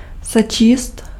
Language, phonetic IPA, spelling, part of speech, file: Czech, [ˈsɛt͡ʃiːst], sečíst, verb, Cs-sečíst.ogg
- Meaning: to add